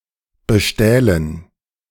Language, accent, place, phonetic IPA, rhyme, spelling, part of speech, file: German, Germany, Berlin, [bəˈʃtɛːlən], -ɛːlən, bestählen, verb, De-bestählen.ogg
- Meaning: first-person plural subjunctive II of bestehlen